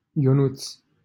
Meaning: a diminutive of the male given name Ion, equivalent to English Johnny
- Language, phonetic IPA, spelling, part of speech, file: Romanian, [joˈnut͡s], Ionuț, proper noun, LL-Q7913 (ron)-Ionuț.wav